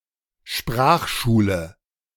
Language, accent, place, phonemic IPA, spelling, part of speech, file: German, Germany, Berlin, /ˈʃpraːxʃuːlə/, Sprachschule, noun, De-Sprachschule.ogg
- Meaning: language school, school of languages